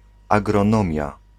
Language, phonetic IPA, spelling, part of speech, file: Polish, [ˌaɡrɔ̃ˈnɔ̃mʲja], agronomia, noun, Pl-agronomia.ogg